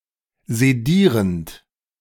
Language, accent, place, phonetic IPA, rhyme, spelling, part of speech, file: German, Germany, Berlin, [zeˈdiːʁənt], -iːʁənt, sedierend, verb, De-sedierend.ogg
- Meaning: present participle of sedieren